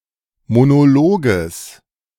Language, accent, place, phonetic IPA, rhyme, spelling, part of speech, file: German, Germany, Berlin, [monoˈloːɡəs], -oːɡəs, Monologes, noun, De-Monologes.ogg
- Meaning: genitive singular of Monolog